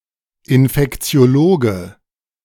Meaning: infectious disease specialist (male or of unspecified gender)
- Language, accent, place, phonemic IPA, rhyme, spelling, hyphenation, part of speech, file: German, Germany, Berlin, /ɪnfɛkt͡si̯oˈloːɡə/, -oːɡə, Infektiologe, In‧fek‧ti‧o‧lo‧ge, noun, De-Infektiologe.ogg